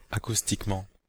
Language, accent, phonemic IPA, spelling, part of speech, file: French, Belgium, /a.kus.tik.mɑ̃/, acoustiquement, adverb, Fr-Acoustiquement.oga
- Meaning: acoustically